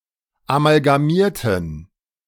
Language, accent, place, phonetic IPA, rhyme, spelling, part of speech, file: German, Germany, Berlin, [amalɡaˈmiːɐ̯tn̩], -iːɐ̯tn̩, amalgamierten, adjective / verb, De-amalgamierten.ogg
- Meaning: inflection of amalgamiert: 1. strong genitive masculine/neuter singular 2. weak/mixed genitive/dative all-gender singular 3. strong/weak/mixed accusative masculine singular 4. strong dative plural